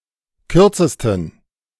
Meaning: superlative degree of kurz
- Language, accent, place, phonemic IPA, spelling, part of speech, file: German, Germany, Berlin, /ˈkʏʁt͡səstən/, kürzesten, adjective, De-kürzesten.ogg